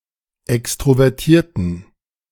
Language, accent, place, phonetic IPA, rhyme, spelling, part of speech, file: German, Germany, Berlin, [ˌɛkstʁovɛʁˈtiːɐ̯tn̩], -iːɐ̯tn̩, extrovertierten, adjective, De-extrovertierten.ogg
- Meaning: inflection of extrovertiert: 1. strong genitive masculine/neuter singular 2. weak/mixed genitive/dative all-gender singular 3. strong/weak/mixed accusative masculine singular 4. strong dative plural